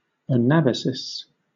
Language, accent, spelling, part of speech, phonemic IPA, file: English, Southern England, anabasis, noun, /əˈnæbəsɪs/, LL-Q1860 (eng)-anabasis.wav
- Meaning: 1. A military march up-country, especially that of Cyrus the Younger into Asia 2. The first period, or increase, of a disease; augmentation